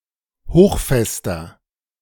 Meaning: inflection of hochfest: 1. strong/mixed nominative masculine singular 2. strong genitive/dative feminine singular 3. strong genitive plural
- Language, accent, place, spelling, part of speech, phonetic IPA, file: German, Germany, Berlin, hochfester, adjective, [ˈhoːxˌfɛstɐ], De-hochfester.ogg